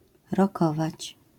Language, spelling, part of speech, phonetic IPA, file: Polish, rokować, verb, [rɔˈkɔvat͡ɕ], LL-Q809 (pol)-rokować.wav